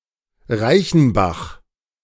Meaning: 1. a municipality of Saxony, Germany 2. a municipality of Rhineland-Palatinate, Germany 3. a municipality of Thuringia, Germany 4. a German surname
- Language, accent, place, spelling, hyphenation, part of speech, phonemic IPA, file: German, Germany, Berlin, Reichenbach, Rei‧chen‧bach, proper noun, /ˈʁaɪ̯çn̩ˌbaχ/, De-Reichenbach.ogg